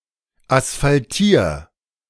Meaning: 1. singular imperative of asphaltieren 2. first-person singular present of asphaltieren
- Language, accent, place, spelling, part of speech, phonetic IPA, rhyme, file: German, Germany, Berlin, asphaltier, verb, [asfalˈtiːɐ̯], -iːɐ̯, De-asphaltier.ogg